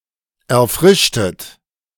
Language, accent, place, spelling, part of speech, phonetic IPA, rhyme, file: German, Germany, Berlin, erfrischtet, verb, [ɛɐ̯ˈfʁɪʃtət], -ɪʃtət, De-erfrischtet.ogg
- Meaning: inflection of erfrischen: 1. second-person plural preterite 2. second-person plural subjunctive II